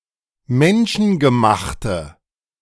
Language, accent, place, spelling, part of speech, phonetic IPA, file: German, Germany, Berlin, menschengemachte, adjective, [ˈmɛnʃn̩ɡəˌmaxtə], De-menschengemachte.ogg
- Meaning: inflection of menschengemacht: 1. strong/mixed nominative/accusative feminine singular 2. strong nominative/accusative plural 3. weak nominative all-gender singular